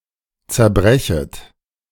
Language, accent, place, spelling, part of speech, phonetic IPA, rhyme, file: German, Germany, Berlin, zerbrechet, verb, [t͡sɛɐ̯ˈbʁɛçət], -ɛçət, De-zerbrechet.ogg
- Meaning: second-person plural subjunctive I of zerbrechen